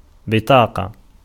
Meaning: 1. card 2. piece of paper 3. ticket 4. price tag 5. pupil of the eye 6. letter
- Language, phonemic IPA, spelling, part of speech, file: Arabic, /bi.tˤaː.qa/, بطاقة, noun, Ar-بطاقة.ogg